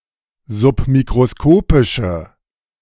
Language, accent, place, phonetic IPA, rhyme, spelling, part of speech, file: German, Germany, Berlin, [zʊpmikʁoˈskoːpɪʃə], -oːpɪʃə, submikroskopische, adjective, De-submikroskopische.ogg
- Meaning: inflection of submikroskopisch: 1. strong/mixed nominative/accusative feminine singular 2. strong nominative/accusative plural 3. weak nominative all-gender singular